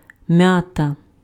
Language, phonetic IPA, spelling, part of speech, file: Ukrainian, [ˈmjatɐ], м'ята, noun, Uk-м'ята.ogg
- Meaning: 1. mint (plant) 2. mint flavouring 3. mint infusion, mint tea